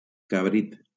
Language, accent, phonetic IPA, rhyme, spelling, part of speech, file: Catalan, Valencia, [kaˈbɾit], -it, cabrit, noun, LL-Q7026 (cat)-cabrit.wav
- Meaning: kid (young goat)